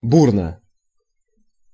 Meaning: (adverb) violently; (adjective) short neuter singular of бу́рный (búrnyj)
- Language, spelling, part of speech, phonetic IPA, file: Russian, бурно, adverb / adjective, [ˈburnə], Ru-бурно.ogg